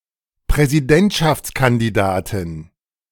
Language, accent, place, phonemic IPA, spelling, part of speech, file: German, Germany, Berlin, /pʁɛziˈdɛntʃafts.kandiˌdaːtɪn/, Präsidentschaftskandidatin, noun, De-Präsidentschaftskandidatin.ogg
- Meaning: female equivalent of Präsidentschaftskandidat (“presidential candidate”)